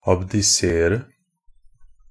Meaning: 1. to abdicate (to surrender, renounce or relinquish, as sovereign power; to withdraw definitely from filling or exercising) 2. to resign a (long-term and important) leadership position
- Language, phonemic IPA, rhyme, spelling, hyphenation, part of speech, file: Norwegian Bokmål, /abdɪˈseːrə/, -eːrə, abdisere, ab‧di‧se‧re, verb, NB - Pronunciation of Norwegian Bokmål «abdisere».ogg